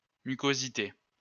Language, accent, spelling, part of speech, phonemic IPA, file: French, France, mucosité, noun, /my.ko.zi.te/, LL-Q150 (fra)-mucosité.wav
- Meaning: mucosity; mucus